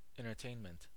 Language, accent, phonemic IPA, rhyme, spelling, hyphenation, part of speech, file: English, US, /ˌɛn.(t)ɚˈteɪn.mənt/, -eɪnmənt, entertainment, en‧ter‧tain‧ment, noun, En-us-entertainment.ogg